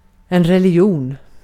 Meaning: religion
- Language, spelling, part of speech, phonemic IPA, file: Swedish, religion, noun, /rɛlɪˈjuːn/, Sv-religion.ogg